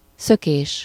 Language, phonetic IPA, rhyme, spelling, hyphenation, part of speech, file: Hungarian, [ˈsøkeːʃ], -eːʃ, szökés, szö‧kés, noun, Hu-szökés.ogg
- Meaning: 1. escape 2. construed with -ben and van